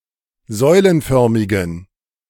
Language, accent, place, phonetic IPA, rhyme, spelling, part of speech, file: German, Germany, Berlin, [ˈzɔɪ̯lənˌfœʁmɪɡn̩], -ɔɪ̯lənfœʁmɪɡn̩, säulenförmigen, adjective, De-säulenförmigen.ogg
- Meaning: inflection of säulenförmig: 1. strong genitive masculine/neuter singular 2. weak/mixed genitive/dative all-gender singular 3. strong/weak/mixed accusative masculine singular 4. strong dative plural